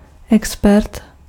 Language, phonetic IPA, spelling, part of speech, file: Czech, [ˈɛkspɛrt], expert, noun, Cs-expert.ogg
- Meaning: expert (person with extensive knowledge or ability in a given subject)